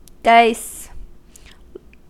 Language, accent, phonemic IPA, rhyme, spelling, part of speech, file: English, US, /daɪs/, -aɪs, dice, noun / verb, En-us-dice.ogg
- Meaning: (noun) 1. Gaming with one or more dice 2. A die 3. That which has been diced 4. plural of die; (verb) 1. To play dice 2. To cut into small cubes 3. To ornament with squares, diamonds, or cubes